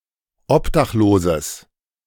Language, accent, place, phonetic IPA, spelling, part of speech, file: German, Germany, Berlin, [ˈɔpdaxˌloːzəs], obdachloses, adjective, De-obdachloses.ogg
- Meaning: strong/mixed nominative/accusative neuter singular of obdachlos